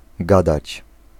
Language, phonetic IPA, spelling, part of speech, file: Polish, [ˈɡadat͡ɕ], gadać, verb, Pl-gadać.ogg